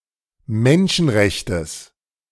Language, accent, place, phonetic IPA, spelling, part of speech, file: German, Germany, Berlin, [ˈmɛnʃn̩ˌʁɛçtəs], Menschenrechtes, noun, De-Menschenrechtes.ogg
- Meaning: genitive singular of Menschenrecht